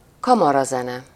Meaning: chamber music
- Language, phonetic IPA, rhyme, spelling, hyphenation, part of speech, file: Hungarian, [ˈkɒmɒrɒzɛnɛ], -nɛ, kamarazene, ka‧ma‧ra‧ze‧ne, noun, Hu-kamarazene.ogg